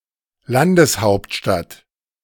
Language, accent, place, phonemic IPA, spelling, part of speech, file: German, Germany, Berlin, /ˈlandəsˌhaʊ̯ptʃtat/, Landeshauptstadt, noun, De-Landeshauptstadt.ogg
- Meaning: 1. state capital, capital of a Bundesland 2. national capital (capital of a country)